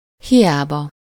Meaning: in vain (without success), vainly
- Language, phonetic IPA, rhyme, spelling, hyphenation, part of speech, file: Hungarian, [ˈhijaːbɒ], -bɒ, hiába, hi‧á‧ba, adverb, Hu-hiába.ogg